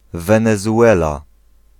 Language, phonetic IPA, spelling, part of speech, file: Polish, [ˌvɛ̃nɛzuˈʷɛla], Wenezuela, proper noun, Pl-Wenezuela.ogg